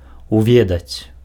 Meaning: to know [with аб (ab, + locative) or пра (pra, + accusative) ‘about’], to learn
- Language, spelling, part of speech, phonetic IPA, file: Belarusian, уведаць, verb, [uˈvʲedat͡sʲ], Be-уведаць.ogg